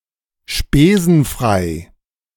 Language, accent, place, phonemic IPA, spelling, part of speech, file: German, Germany, Berlin, /ˈʃpeːzn̩fʁaɪ̯/, spesenfrei, adjective, De-spesenfrei.ogg
- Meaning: free of charge